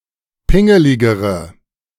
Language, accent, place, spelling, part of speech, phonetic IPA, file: German, Germany, Berlin, pingeligere, adjective, [ˈpɪŋəlɪɡəʁə], De-pingeligere.ogg
- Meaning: inflection of pingelig: 1. strong/mixed nominative/accusative feminine singular comparative degree 2. strong nominative/accusative plural comparative degree